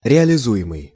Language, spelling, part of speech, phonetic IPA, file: Russian, реализуемый, verb, [rʲɪəlʲɪˈzu(j)ɪmɨj], Ru-реализуемый.ogg
- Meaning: present passive imperfective participle of реализова́ть (realizovátʹ)